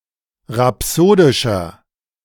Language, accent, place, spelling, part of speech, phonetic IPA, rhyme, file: German, Germany, Berlin, rhapsodischer, adjective, [ʁaˈpsoːdɪʃɐ], -oːdɪʃɐ, De-rhapsodischer.ogg
- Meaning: inflection of rhapsodisch: 1. strong/mixed nominative masculine singular 2. strong genitive/dative feminine singular 3. strong genitive plural